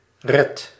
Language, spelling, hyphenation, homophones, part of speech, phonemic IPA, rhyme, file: Dutch, red, red, redt / Reth, verb, /rɛt/, -ɛt, Nl-red.ogg
- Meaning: inflection of redden: 1. first-person singular present indicative 2. second-person singular present indicative 3. imperative